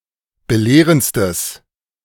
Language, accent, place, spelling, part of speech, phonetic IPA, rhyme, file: German, Germany, Berlin, belehrendstes, adjective, [bəˈleːʁənt͡stəs], -eːʁənt͡stəs, De-belehrendstes.ogg
- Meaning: strong/mixed nominative/accusative neuter singular superlative degree of belehrend